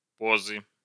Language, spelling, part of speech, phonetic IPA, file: Russian, позы, noun, [ˈpozɨ], Ru-позы.ogg
- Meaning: inflection of по́за (póza): 1. genitive singular 2. nominative/accusative plural